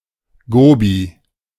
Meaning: a desert in China and Mongolia; Gobi
- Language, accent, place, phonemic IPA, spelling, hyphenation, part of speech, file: German, Germany, Berlin, /ɡoːbi/, Gobi, Go‧bi, proper noun, De-Gobi.ogg